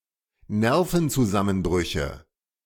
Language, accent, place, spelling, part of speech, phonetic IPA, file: German, Germany, Berlin, Nervenzusammenbrüche, noun, [ˈnɛʁfn̩t͡suˌzamənbʁʏçə], De-Nervenzusammenbrüche.ogg
- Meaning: nominative/accusative/genitive plural of Nervenzusammenbruch